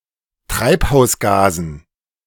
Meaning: dative plural of Treibhausgas
- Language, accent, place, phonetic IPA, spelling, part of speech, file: German, Germany, Berlin, [ˈtʁaɪ̯phaʊ̯sˌɡaːzn̩], Treibhausgasen, noun, De-Treibhausgasen.ogg